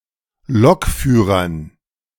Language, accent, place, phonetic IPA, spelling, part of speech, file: German, Germany, Berlin, [ˈlɔkˌfyːʁɐn], Lokführern, noun, De-Lokführern.ogg
- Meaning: dative plural of Lokführer